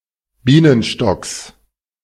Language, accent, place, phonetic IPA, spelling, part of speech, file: German, Germany, Berlin, [ˈbiːnənʃtɔks], Bienenstocks, noun, De-Bienenstocks.ogg
- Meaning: genitive singular of Bienenstock